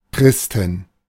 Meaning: inflection of Christ: 1. genitive/dative/accusative singular 2. all-case plural
- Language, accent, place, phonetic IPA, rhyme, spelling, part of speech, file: German, Germany, Berlin, [ˈkʁɪstn̩], -ɪstn̩, Christen, noun, De-Christen.ogg